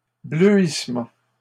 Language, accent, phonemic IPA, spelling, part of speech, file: French, Canada, /blø.is.mɑ̃/, bleuissement, noun, LL-Q150 (fra)-bleuissement.wav
- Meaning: turning blue, blueing